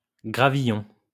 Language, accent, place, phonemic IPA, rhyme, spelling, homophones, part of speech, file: French, France, Lyon, /ɡʁa.vi.jɔ̃/, -ɔ̃, gravillon, gravillons, noun, LL-Q150 (fra)-gravillon.wav
- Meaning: fine grit, grains of stone of between six and twenty millimeters diameter